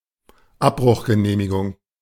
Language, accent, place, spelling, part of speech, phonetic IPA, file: German, Germany, Berlin, Abbruchgenehmigung, noun, [ˈapbʁʊxɡəˌneːmɪɡʊŋ], De-Abbruchgenehmigung.ogg
- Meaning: demolition permit